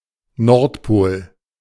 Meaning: North Pole; north pole
- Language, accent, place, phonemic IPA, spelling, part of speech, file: German, Germany, Berlin, /ˈnɔʁtˌpoːl/, Nordpol, noun, De-Nordpol.ogg